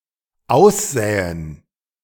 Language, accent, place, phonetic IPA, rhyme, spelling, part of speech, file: German, Germany, Berlin, [ˈaʊ̯sˌzɛːən], -aʊ̯szɛːən, aussähen, verb, De-aussähen.ogg
- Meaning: first/third-person plural dependent subjunctive II of aussehen